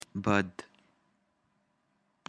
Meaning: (adjective) bad; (adverb) badly
- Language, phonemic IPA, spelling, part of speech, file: Pashto, /bəd/, بد, adjective / adverb, Bëd.ogg